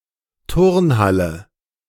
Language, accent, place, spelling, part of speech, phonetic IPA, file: German, Germany, Berlin, Turnhalle, noun, [ˈtʊʁnˌhalə], De-Turnhalle.ogg
- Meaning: gym; sports hall (large room for indoor sports)